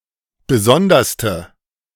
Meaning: inflection of besondere: 1. strong/mixed nominative/accusative feminine singular superlative degree 2. strong nominative/accusative plural superlative degree
- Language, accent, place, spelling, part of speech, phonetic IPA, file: German, Germany, Berlin, besonderste, adjective, [ˈbəˈzɔndɐstə], De-besonderste.ogg